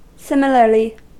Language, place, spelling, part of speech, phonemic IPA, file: English, California, similarly, adverb, /ˈsɪmə.lɚ.li/, En-us-similarly.ogg
- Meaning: 1. In a like style or manner 2. Used to link similar items